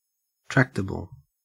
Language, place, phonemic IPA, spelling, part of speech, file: English, Queensland, /ˈtɹæk.tə.bəl/, tractable, adjective, En-au-tractable.ogg
- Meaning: 1. Capable of being easily led, taught, or managed 2. Easy to deal with or manage 3. Capable of being shaped; malleable 4. Capable of being handled or touched